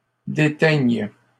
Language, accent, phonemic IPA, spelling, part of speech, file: French, Canada, /de.tɛɲ/, déteignes, verb, LL-Q150 (fra)-déteignes.wav
- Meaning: second-person singular present subjunctive of déteindre